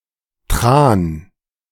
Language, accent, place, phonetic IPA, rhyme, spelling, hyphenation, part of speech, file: German, Germany, Berlin, [tʁaːn], -aːn, Tran, Tran, noun, De-Tran.ogg
- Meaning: 1. train oil; oil extracted from the fatty tissue (blubber) of certain polar mammals 2. delirium (chiefly used in the expression im Tran)